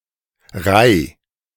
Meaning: singular imperative of reihen
- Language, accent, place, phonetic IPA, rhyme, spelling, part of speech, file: German, Germany, Berlin, [ʁaɪ̯], -aɪ̯, reih, verb, De-reih.ogg